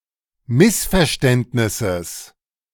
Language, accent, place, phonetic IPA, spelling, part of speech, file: German, Germany, Berlin, [ˈmɪsfɛɐ̯ˌʃtɛntnɪsəs], Missverständnisses, noun, De-Missverständnisses.ogg
- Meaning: genitive singular of Missverständnis